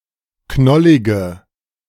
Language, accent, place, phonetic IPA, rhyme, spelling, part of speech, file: German, Germany, Berlin, [ˈknɔlɪɡə], -ɔlɪɡə, knollige, adjective, De-knollige.ogg
- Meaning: inflection of knollig: 1. strong/mixed nominative/accusative feminine singular 2. strong nominative/accusative plural 3. weak nominative all-gender singular 4. weak accusative feminine/neuter singular